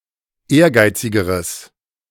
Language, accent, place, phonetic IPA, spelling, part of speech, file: German, Germany, Berlin, [ˈeːɐ̯ˌɡaɪ̯t͡sɪɡəʁəs], ehrgeizigeres, adjective, De-ehrgeizigeres.ogg
- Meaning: strong/mixed nominative/accusative neuter singular comparative degree of ehrgeizig